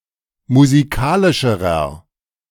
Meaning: inflection of musikalisch: 1. strong/mixed nominative masculine singular comparative degree 2. strong genitive/dative feminine singular comparative degree 3. strong genitive plural comparative degree
- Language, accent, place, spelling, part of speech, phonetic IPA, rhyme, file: German, Germany, Berlin, musikalischerer, adjective, [muziˈkaːlɪʃəʁɐ], -aːlɪʃəʁɐ, De-musikalischerer.ogg